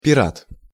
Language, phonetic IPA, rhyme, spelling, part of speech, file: Russian, [pʲɪˈrat], -at, пират, noun, Ru-пират.ogg
- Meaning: pirate